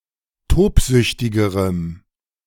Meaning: strong dative masculine/neuter singular comparative degree of tobsüchtig
- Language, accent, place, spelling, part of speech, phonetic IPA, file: German, Germany, Berlin, tobsüchtigerem, adjective, [ˈtoːpˌzʏçtɪɡəʁəm], De-tobsüchtigerem.ogg